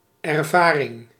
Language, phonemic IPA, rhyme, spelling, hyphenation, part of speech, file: Dutch, /ɛrˈvaːrɪŋ/, -aːrɪŋ, ervaring, er‧va‧ring, noun, Nl-ervaring.ogg
- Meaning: 1. experience (act of experiencing, something that is experienced) 2. experience (skill)